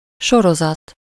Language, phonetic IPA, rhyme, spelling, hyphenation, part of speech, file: Hungarian, [ˈʃorozɒt], -ɒt, sorozat, so‧ro‧zat, noun, Hu-sorozat.ogg
- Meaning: 1. series (television or radio program) 2. collection 3. progression (a sequence obtained by adding or multiplying each term by a constant)